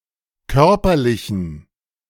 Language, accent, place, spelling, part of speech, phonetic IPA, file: German, Germany, Berlin, körperlichen, adjective, [ˈkœʁpɐlɪçn̩], De-körperlichen.ogg
- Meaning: inflection of körperlich: 1. strong genitive masculine/neuter singular 2. weak/mixed genitive/dative all-gender singular 3. strong/weak/mixed accusative masculine singular 4. strong dative plural